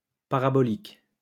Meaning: parabolic
- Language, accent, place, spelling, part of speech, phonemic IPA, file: French, France, Lyon, parabolique, adjective, /pa.ʁa.bɔ.lik/, LL-Q150 (fra)-parabolique.wav